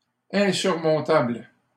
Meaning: insurmountable
- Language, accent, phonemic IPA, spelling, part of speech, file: French, Canada, /ɛ̃.syʁ.mɔ̃.tabl/, insurmontable, adjective, LL-Q150 (fra)-insurmontable.wav